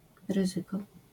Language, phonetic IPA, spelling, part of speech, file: Polish, [ˈrɨzɨkɔ], ryzyko, noun, LL-Q809 (pol)-ryzyko.wav